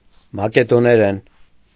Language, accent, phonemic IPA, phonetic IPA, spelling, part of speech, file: Armenian, Eastern Armenian, /mɑkedoneˈɾen/, [mɑkedoneɾén], մակեդոներեն, noun / adverb / adjective, Hy-մակեդոներեն.ogg
- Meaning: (noun) Macedonian (Slavic language); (adverb) in Macedonian; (adjective) Macedonian (of or pertaining to the language)